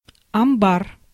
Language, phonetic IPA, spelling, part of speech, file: Russian, [ɐmˈbar], амбар, noun, Ru-амбар.ogg
- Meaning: barn, granary, granestore, warehouse, storehouse